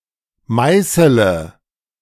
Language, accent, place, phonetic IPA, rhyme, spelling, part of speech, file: German, Germany, Berlin, [ˈmaɪ̯sələ], -aɪ̯sələ, meißele, verb, De-meißele.ogg
- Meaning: inflection of meißeln: 1. first-person singular present 2. singular imperative 3. first/third-person singular subjunctive I